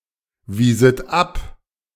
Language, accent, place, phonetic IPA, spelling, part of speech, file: German, Germany, Berlin, [ˌviːzət ˈap], wieset ab, verb, De-wieset ab.ogg
- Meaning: second-person plural subjunctive II of abweisen